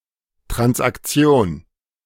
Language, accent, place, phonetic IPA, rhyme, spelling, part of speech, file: German, Germany, Berlin, [tʁansʔakˈt͡si̯oːn], -oːn, Transaktion, noun, De-Transaktion.ogg
- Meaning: transaction